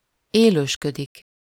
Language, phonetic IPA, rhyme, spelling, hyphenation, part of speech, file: Hungarian, [ˈeːløːʃkødik], -ødik, élősködik, élős‧kö‧dik, verb, Hu-élősködik.ogg
- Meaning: to parasitize, to live on others